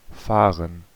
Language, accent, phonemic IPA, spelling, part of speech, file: German, Germany, /ˈfaːʁɛn/, fahren, verb, De-fahren.ogg
- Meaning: 1. to go at speed 2. to go; to run; to drive; to sail 3. to go; to run; to drive; to sail: to leave; to depart 4. to go; to run; to drive; to sail: to run; to operate